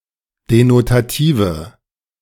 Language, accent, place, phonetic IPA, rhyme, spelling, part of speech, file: German, Germany, Berlin, [denotaˈtiːvə], -iːvə, denotative, adjective, De-denotative.ogg
- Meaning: inflection of denotativ: 1. strong/mixed nominative/accusative feminine singular 2. strong nominative/accusative plural 3. weak nominative all-gender singular